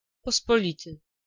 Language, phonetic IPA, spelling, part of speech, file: Polish, [ˌpɔspɔˈlʲitɨ], pospolity, adjective, Pl-pospolity.ogg